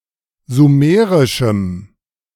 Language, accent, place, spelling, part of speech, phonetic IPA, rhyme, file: German, Germany, Berlin, sumerischem, adjective, [zuˈmeːʁɪʃm̩], -eːʁɪʃm̩, De-sumerischem.ogg
- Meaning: strong dative masculine/neuter singular of sumerisch